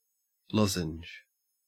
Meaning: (noun) 1. A thin rhombus, having two acute and two obtuse angles 2. A small tablet (originally diamond-shaped) or medicated sweet used to ease a sore throat; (verb) To form into the shape of a lozenge
- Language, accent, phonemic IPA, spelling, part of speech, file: English, Australia, /ˈlɔzɪnd͡ʒ/, lozenge, noun / verb, En-au-lozenge.ogg